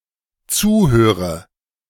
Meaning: inflection of zuhören: 1. first-person singular dependent present 2. first/third-person singular dependent subjunctive I
- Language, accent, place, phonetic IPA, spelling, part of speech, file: German, Germany, Berlin, [ˈt͡suːˌhøːʁə], zuhöre, verb, De-zuhöre.ogg